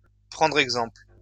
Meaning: to follow (someone's) example, to do as (someone) does, to take a leaf out of someone's book, to learn something from, to take as a model
- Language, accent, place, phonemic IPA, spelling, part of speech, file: French, France, Lyon, /pʁɑ̃.dʁ‿ɛɡ.zɑ̃pl/, prendre exemple, verb, LL-Q150 (fra)-prendre exemple.wav